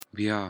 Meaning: again
- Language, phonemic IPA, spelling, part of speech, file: Pashto, /bjɑ/, بيا, adverb, Bya.ogg